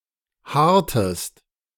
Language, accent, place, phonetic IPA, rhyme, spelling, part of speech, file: German, Germany, Berlin, [ˈhaːɐ̯təst], -aːɐ̯təst, haartest, verb, De-haartest.ogg
- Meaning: inflection of haaren: 1. second-person singular preterite 2. second-person singular subjunctive II